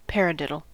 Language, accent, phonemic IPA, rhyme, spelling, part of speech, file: English, US, /ˈpæɹəˌdɪdəl/, -ɪdəl, paradiddle, noun / verb, En-us-paradiddle.ogg